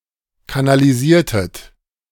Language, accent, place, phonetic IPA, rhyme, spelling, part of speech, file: German, Germany, Berlin, [kanaliˈziːɐ̯tət], -iːɐ̯tət, kanalisiertet, verb, De-kanalisiertet.ogg
- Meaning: inflection of kanalisieren: 1. second-person plural preterite 2. second-person plural subjunctive II